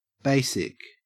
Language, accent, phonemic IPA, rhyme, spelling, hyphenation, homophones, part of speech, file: English, Australia, /ˈbeɪsɪk/, -eɪsɪk, basic, ba‧sic, BASIC, adjective / noun, En-au-basic.ogg
- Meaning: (adjective) 1. Necessary, essential for life or some process 2. Elementary, simple, fundamental, merely functional 3. Of or pertaining to a base; having a pH greater than 7